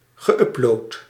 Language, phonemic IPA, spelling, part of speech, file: Dutch, /ɣəˈʔʏplot/, geüpload, verb, Nl-geüpload.ogg
- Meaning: past participle of uploaden